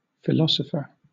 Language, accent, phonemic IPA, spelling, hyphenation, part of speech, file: English, Southern England, /fɪˈlɒs.ə.fə(ɹ)/, philosopher, phi‧lo‧so‧pher, noun, LL-Q1860 (eng)-philosopher.wav
- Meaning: 1. A lover of wisdom 2. A student of philosophy 3. A scholar or expert engaged in or contributing to philosophical inquiry